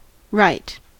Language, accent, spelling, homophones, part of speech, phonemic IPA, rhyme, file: English, General American, rite, right / wright / Wright / write, noun / adjective / adverb / interjection, /ɹaɪt/, -aɪt, En-us-rite.ogg
- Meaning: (noun) 1. A religious custom 2. A prescribed behavior; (adjective) Informal spelling of right